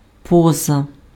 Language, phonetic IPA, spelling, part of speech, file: Ukrainian, [ˈpɔzɐ], поза, preposition / noun, Uk-поза.ogg
- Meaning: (preposition) 1. outside, out of (denotes movement) 2. outside, out of (denotes position) 3. beyond, above (not within scope of, not subject to); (noun) pose, posture, attitude